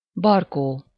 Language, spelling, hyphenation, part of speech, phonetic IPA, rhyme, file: Hungarian, barkó, bar‧kó, noun, [ˈbɒrkoː], -koː, Hu-barkó.ogg
- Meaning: sideburns, side-whiskers